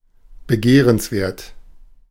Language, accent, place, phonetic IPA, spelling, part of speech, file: German, Germany, Berlin, [bəˈɡeːʁənsˌveːɐ̯t], begehrenswert, adjective, De-begehrenswert.ogg
- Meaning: desirable, attractive